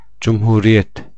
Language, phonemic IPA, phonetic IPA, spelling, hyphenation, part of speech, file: Turkish, /d͡ʒum.huː.ɾi.jet/, [d͡ʒum.huː.ɾi.je̞t̪], cumhuriyet, cum‧hu‧ri‧yet, noun, Tur-cumhuriyet.ogg
- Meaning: republic